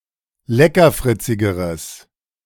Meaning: strong/mixed nominative/accusative neuter singular comparative degree of leckerfritzig
- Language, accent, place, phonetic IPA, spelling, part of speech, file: German, Germany, Berlin, [ˈlɛkɐˌfʁɪt͡sɪɡəʁəs], leckerfritzigeres, adjective, De-leckerfritzigeres.ogg